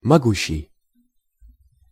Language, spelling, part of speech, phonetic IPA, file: Russian, могущий, verb, [mɐˈɡuɕːɪj], Ru-могущий.ogg
- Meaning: present active imperfective participle of мочь (močʹ)